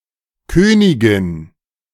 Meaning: 1. queen 2. queen (chess piece)
- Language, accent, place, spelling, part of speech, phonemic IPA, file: German, Germany, Berlin, Königin, noun, /ˈkøːnɪɡɪn/, De-Königin.ogg